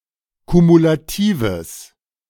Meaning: strong/mixed nominative/accusative neuter singular of kumulativ
- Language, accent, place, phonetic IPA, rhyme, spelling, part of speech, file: German, Germany, Berlin, [kumulaˈtiːvəs], -iːvəs, kumulatives, adjective, De-kumulatives.ogg